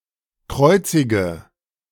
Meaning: inflection of kreuzigen: 1. first-person singular present 2. singular imperative 3. first/third-person singular subjunctive I
- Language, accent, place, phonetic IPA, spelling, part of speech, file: German, Germany, Berlin, [ˈkʁɔɪ̯t͡sɪɡə], kreuzige, verb, De-kreuzige.ogg